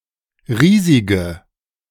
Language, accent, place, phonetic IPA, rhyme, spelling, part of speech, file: German, Germany, Berlin, [ˈʁiːzɪɡə], -iːzɪɡə, riesige, adjective, De-riesige.ogg
- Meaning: inflection of riesig: 1. strong/mixed nominative/accusative feminine singular 2. strong nominative/accusative plural 3. weak nominative all-gender singular 4. weak accusative feminine/neuter singular